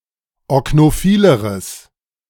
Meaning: strong/mixed nominative/accusative neuter singular comparative degree of oknophil
- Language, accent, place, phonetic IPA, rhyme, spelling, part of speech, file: German, Germany, Berlin, [ɔknoˈfiːləʁəs], -iːləʁəs, oknophileres, adjective, De-oknophileres.ogg